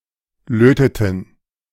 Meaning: inflection of löten: 1. first/third-person plural preterite 2. first/third-person plural subjunctive II
- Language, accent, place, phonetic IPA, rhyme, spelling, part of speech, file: German, Germany, Berlin, [ˈløːtətn̩], -øːtətn̩, löteten, verb, De-löteten.ogg